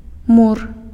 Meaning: 1. wall, brick (stone) part of a building 2. stone (brick) building
- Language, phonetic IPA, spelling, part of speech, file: Belarusian, [mur], мур, noun, Be-мур.ogg